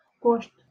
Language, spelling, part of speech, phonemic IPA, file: Northern Kurdish, goşt, noun, /ɡoːʃt/, LL-Q36368 (kur)-goşt.wav
- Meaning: meat